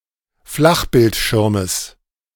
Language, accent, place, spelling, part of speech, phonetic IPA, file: German, Germany, Berlin, Flachbildschirmes, noun, [ˈflaxbɪltˌʃɪʁməs], De-Flachbildschirmes.ogg
- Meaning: genitive singular of Flachbildschirm